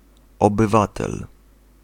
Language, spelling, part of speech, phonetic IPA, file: Polish, obywatel, noun, [ˌɔbɨˈvatɛl], Pl-obywatel.ogg